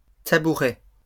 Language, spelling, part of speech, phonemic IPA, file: French, tabourets, noun, /ta.bu.ʁɛ/, LL-Q150 (fra)-tabourets.wav
- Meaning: plural of tabouret